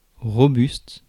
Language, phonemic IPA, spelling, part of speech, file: French, /ʁɔ.byst/, robuste, adjective, Fr-robuste.ogg
- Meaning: robust, hardy